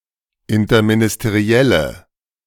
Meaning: inflection of interministeriell: 1. strong/mixed nominative/accusative feminine singular 2. strong nominative/accusative plural 3. weak nominative all-gender singular
- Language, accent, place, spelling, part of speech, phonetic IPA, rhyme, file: German, Germany, Berlin, interministerielle, adjective, [ɪntɐminɪsteˈʁi̯ɛlə], -ɛlə, De-interministerielle.ogg